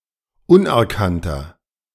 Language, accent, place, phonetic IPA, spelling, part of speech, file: German, Germany, Berlin, [ˈʊnʔɛɐ̯ˌkantɐ], unerkannter, adjective, De-unerkannter.ogg
- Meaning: inflection of unerkannt: 1. strong/mixed nominative masculine singular 2. strong genitive/dative feminine singular 3. strong genitive plural